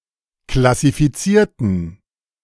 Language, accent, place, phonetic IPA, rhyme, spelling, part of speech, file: German, Germany, Berlin, [klasifiˈt͡siːɐ̯tn̩], -iːɐ̯tn̩, klassifizierten, adjective / verb, De-klassifizierten.ogg
- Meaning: inflection of klassifizieren: 1. first/third-person plural preterite 2. first/third-person plural subjunctive II